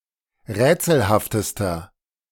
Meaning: inflection of rätselhaft: 1. strong/mixed nominative masculine singular superlative degree 2. strong genitive/dative feminine singular superlative degree 3. strong genitive plural superlative degree
- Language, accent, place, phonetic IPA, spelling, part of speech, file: German, Germany, Berlin, [ˈʁɛːt͡sl̩haftəstɐ], rätselhaftester, adjective, De-rätselhaftester.ogg